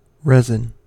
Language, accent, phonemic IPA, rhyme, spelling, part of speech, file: English, US, /ˈɹɛzɪn/, -ɛzɪn, resin, noun / verb, En-us-resin.ogg
- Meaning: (noun) A viscous water-insoluble hydrocarbon exudate of certain plants, or such a substance as a component of a plant exudate; used in lacquers, varnishes and many other applications